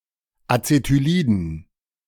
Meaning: dative plural of Acetylid
- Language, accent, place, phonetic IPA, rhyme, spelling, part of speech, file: German, Germany, Berlin, [at͡setyˈliːdn̩], -iːdn̩, Acetyliden, noun, De-Acetyliden.ogg